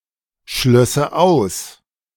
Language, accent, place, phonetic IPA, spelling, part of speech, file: German, Germany, Berlin, [ˌʃlœsə ˈaʊ̯s], schlösse aus, verb, De-schlösse aus.ogg
- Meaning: first/third-person singular subjunctive II of ausschließen